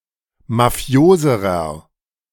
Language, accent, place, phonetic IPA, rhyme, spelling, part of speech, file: German, Germany, Berlin, [maˈfi̯oːzəʁɐ], -oːzəʁɐ, mafioserer, adjective, De-mafioserer.ogg
- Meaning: inflection of mafios: 1. strong/mixed nominative masculine singular comparative degree 2. strong genitive/dative feminine singular comparative degree 3. strong genitive plural comparative degree